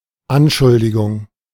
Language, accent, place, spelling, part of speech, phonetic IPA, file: German, Germany, Berlin, Anschuldigung, noun, [ˈanˌʃʊldɪɡʊŋ], De-Anschuldigung.ogg
- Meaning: accusation